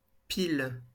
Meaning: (noun) 1. heap, stack 2. pillar 3. battery 4. tails 5. pile; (adverb) 1. just, exactly 2. dead (of stopping etc.); on the dot, sharp (of time), smack
- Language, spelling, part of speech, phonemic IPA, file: French, pile, noun / adverb, /pil/, LL-Q150 (fra)-pile.wav